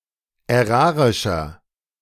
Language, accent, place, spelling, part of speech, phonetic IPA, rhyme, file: German, Germany, Berlin, ärarischer, adjective, [ɛˈʁaːʁɪʃɐ], -aːʁɪʃɐ, De-ärarischer.ogg
- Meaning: inflection of ärarisch: 1. strong/mixed nominative masculine singular 2. strong genitive/dative feminine singular 3. strong genitive plural